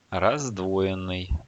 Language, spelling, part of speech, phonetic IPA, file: Russian, раздвоенный, verb / adjective, [rɐzdˈvo(j)ɪn(ː)ɨj], Ru-раздвоенный.ogg
- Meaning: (verb) past passive perfective participle of раздвои́ть (razdvoítʹ); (adjective) forked, bifurcated